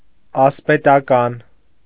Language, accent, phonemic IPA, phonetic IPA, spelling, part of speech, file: Armenian, Eastern Armenian, /ɑspetɑˈkɑn/, [ɑspetɑkɑ́n], ասպետական, adjective, Hy-ասպետական.ogg
- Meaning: 1. knight's, knightly 2. knightly, chivalrous